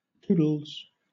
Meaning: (verb) third-person singular simple present indicative of toodle; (interjection) Goodbye
- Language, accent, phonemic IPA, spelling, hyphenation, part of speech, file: English, Southern England, /ˈtuːd(ə)lz/, toodles, too‧dles, verb / interjection, LL-Q1860 (eng)-toodles.wav